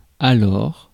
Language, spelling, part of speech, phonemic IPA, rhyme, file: French, alors, adverb / interjection, /a.lɔʁ/, -ɔʁ, Fr-alors.ogg
- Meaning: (adverb) 1. then (at that time) 2. so, hence (as a consequence); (interjection) so, well, well then